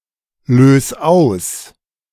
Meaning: 1. singular imperative of auslösen 2. first-person singular present of auslösen
- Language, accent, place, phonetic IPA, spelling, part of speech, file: German, Germany, Berlin, [ˌløːs ˈaʊ̯s], lös aus, verb, De-lös aus.ogg